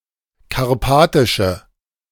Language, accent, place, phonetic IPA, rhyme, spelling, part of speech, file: German, Germany, Berlin, [kaʁˈpaːtɪʃə], -aːtɪʃə, karpatische, adjective, De-karpatische.ogg
- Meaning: inflection of karpatisch: 1. strong/mixed nominative/accusative feminine singular 2. strong nominative/accusative plural 3. weak nominative all-gender singular